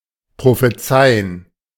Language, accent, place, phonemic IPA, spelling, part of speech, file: German, Germany, Berlin, /pʁofeˈt͡saɪ̯ən/, prophezeien, verb, De-prophezeien.ogg
- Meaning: to prophesy